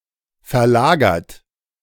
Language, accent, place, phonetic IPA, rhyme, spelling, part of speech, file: German, Germany, Berlin, [fɛɐ̯ˈlaːɡɐt], -aːɡɐt, verlagert, verb, De-verlagert.ogg
- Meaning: 1. past participle of verlagern 2. inflection of verlagern: third-person singular present 3. inflection of verlagern: second-person plural present 4. inflection of verlagern: plural imperative